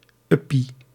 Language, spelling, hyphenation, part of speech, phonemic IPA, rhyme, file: Dutch, uppie, up‧pie, noun, /ˈʏ.pi/, -ʏpi, Nl-uppie.ogg
- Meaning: 1. a small marble, either a glass toothpaste marble or (dated) a clay marble 2. a half cent, a coin with the value of ½ guilder cent